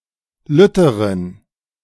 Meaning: inflection of lütt: 1. strong genitive masculine/neuter singular comparative degree 2. weak/mixed genitive/dative all-gender singular comparative degree
- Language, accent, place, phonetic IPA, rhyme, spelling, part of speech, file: German, Germany, Berlin, [ˈlʏtəʁən], -ʏtəʁən, lütteren, adjective, De-lütteren.ogg